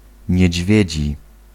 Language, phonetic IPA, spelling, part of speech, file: Polish, [ɲɛ̇ˈd͡ʑvʲjɛ̇d͡ʑi], niedźwiedzi, adjective / noun, Pl-niedźwiedzi.ogg